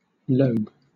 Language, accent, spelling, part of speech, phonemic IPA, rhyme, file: English, Southern England, lobe, noun, /ləʊb/, -əʊb, LL-Q1860 (eng)-lobe.wav
- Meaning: Any projection or division, especially one of a somewhat rounded form